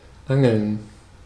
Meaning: 1. to angle, to fish (with a fishing rod) 2. to fish (for something valuable or information)
- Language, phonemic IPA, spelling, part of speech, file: German, /ˈaŋl̩n/, angeln, verb, De-angeln.ogg